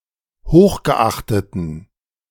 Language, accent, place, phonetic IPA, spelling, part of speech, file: German, Germany, Berlin, [ˈhoːxɡəˌʔaxtətn̩], hochgeachteten, adjective, De-hochgeachteten.ogg
- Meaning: inflection of hochgeachtet: 1. strong genitive masculine/neuter singular 2. weak/mixed genitive/dative all-gender singular 3. strong/weak/mixed accusative masculine singular 4. strong dative plural